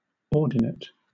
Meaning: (noun) The second of the two terms by which a point is referred to, in a system of fixed rectilinear coordinate (Cartesian coordinate) axes
- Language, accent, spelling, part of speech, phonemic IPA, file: English, Southern England, ordinate, noun / adjective, /ˈɔː(ɹ)dɪnət/, LL-Q1860 (eng)-ordinate.wav